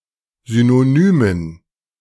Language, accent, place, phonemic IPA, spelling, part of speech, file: German, Germany, Berlin, /ˌzynoˈnyːmən/, Synonymen, noun, De-Synonymen.ogg
- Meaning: dative plural of Synonym